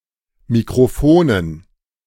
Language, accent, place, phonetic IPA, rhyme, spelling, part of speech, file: German, Germany, Berlin, [mikʁoˈfoːnən], -oːnən, Mikrofonen, noun, De-Mikrofonen.ogg
- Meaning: dative plural of Mikrofon